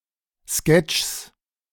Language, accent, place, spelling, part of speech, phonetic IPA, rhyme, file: German, Germany, Berlin, Sketchs, noun, [skɛt͡ʃs], -ɛt͡ʃs, De-Sketchs.ogg
- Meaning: genitive singular of Sketch